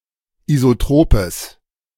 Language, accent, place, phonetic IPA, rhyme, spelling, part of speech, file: German, Germany, Berlin, [izoˈtʁoːpəs], -oːpəs, isotropes, adjective, De-isotropes.ogg
- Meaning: strong/mixed nominative/accusative neuter singular of isotrop